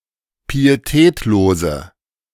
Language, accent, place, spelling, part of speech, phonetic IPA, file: German, Germany, Berlin, pietätlose, adjective, [piːeˈtɛːtloːzə], De-pietätlose.ogg
- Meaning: inflection of pietätlos: 1. strong/mixed nominative/accusative feminine singular 2. strong nominative/accusative plural 3. weak nominative all-gender singular